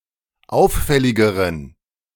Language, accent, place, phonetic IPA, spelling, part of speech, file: German, Germany, Berlin, [ˈaʊ̯fˌfɛlɪɡəʁən], auffälligeren, adjective, De-auffälligeren.ogg
- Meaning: inflection of auffällig: 1. strong genitive masculine/neuter singular comparative degree 2. weak/mixed genitive/dative all-gender singular comparative degree